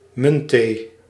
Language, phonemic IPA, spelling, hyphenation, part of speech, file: Dutch, /ˈmʏn.teː/, muntthee, munt‧thee, noun, Nl-muntthee.ogg
- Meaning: mint tea